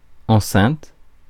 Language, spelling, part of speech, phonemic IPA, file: French, enceinte, adjective / noun / verb, /ɑ̃.sɛ̃t/, Fr-enceinte.ogg
- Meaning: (adjective) feminine singular of enceint; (noun) 1. enclosure, compound 2. interior 3. speaker, amplifier